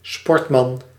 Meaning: sportsman
- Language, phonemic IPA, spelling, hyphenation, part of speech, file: Dutch, /ˈspɔrt.mɑn/, sportman, sport‧man, noun, Nl-sportman.ogg